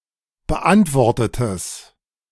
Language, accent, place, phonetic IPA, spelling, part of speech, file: German, Germany, Berlin, [bəˈʔantvɔʁtətəs], beantwortetes, adjective, De-beantwortetes.ogg
- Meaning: strong/mixed nominative/accusative neuter singular of beantwortet